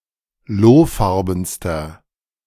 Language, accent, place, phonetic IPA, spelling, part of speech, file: German, Germany, Berlin, [ˈloːˌfaʁbn̩stɐ], lohfarbenster, adjective, De-lohfarbenster.ogg
- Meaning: inflection of lohfarben: 1. strong/mixed nominative masculine singular superlative degree 2. strong genitive/dative feminine singular superlative degree 3. strong genitive plural superlative degree